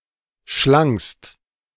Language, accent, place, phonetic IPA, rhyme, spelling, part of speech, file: German, Germany, Berlin, [ʃlaŋst], -aŋst, schlangst, verb, De-schlangst.ogg
- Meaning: second-person singular preterite of schlingen